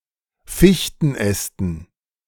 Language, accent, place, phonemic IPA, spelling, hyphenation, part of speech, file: German, Germany, Berlin, /ˈfiçtn̩ˌɛstn̩/, Fichtenästen, Fich‧ten‧äs‧ten, noun, De-Fichtenästen.ogg
- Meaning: dative plural of Fichtenast